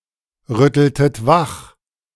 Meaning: inflection of wachrütteln: 1. second-person plural preterite 2. second-person plural subjunctive II
- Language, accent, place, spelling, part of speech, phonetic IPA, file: German, Germany, Berlin, rütteltet wach, verb, [ˌʁʏtl̩tət ˈvax], De-rütteltet wach.ogg